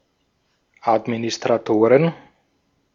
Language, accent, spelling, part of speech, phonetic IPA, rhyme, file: German, Austria, Administratoren, noun, [ˌatminɪstʁaˈtoːʁən], -oːʁən, De-at-Administratoren.ogg
- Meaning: plural of Administrator